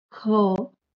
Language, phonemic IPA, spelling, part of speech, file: Marathi, /kʰə/, ख, character, LL-Q1571 (mar)-ख.wav
- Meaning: The second consonant in Marathi